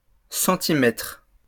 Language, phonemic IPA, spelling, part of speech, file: French, /sɑ̃.ti.mɛtʁ/, centimètres, noun, LL-Q150 (fra)-centimètres.wav
- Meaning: plural of centimètre